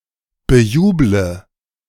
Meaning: inflection of bejubeln: 1. first-person singular present 2. first/third-person singular subjunctive I 3. singular imperative
- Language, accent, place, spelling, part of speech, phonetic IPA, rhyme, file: German, Germany, Berlin, bejuble, verb, [bəˈjuːblə], -uːblə, De-bejuble.ogg